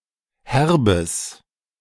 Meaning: strong/mixed nominative/accusative neuter singular of herb
- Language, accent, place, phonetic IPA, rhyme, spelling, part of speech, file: German, Germany, Berlin, [ˈhɛʁbəs], -ɛʁbəs, herbes, adjective, De-herbes.ogg